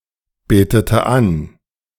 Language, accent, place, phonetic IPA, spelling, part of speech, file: German, Germany, Berlin, [ˌbeːtətə ˈan], betete an, verb, De-betete an.ogg
- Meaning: inflection of anbeten: 1. first/third-person singular preterite 2. first/third-person singular subjunctive II